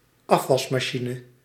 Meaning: dishwasher (appliance for washing dishes)
- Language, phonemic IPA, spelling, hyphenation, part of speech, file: Dutch, /ˈɑf.ʋɑs.maːˌʃi.nə/, afwasmachine, af‧was‧ma‧chi‧ne, noun, Nl-afwasmachine.ogg